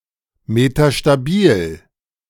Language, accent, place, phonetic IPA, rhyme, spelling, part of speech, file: German, Germany, Berlin, [metaʃtaˈbiːl], -iːl, metastabil, adjective, De-metastabil.ogg
- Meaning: metastable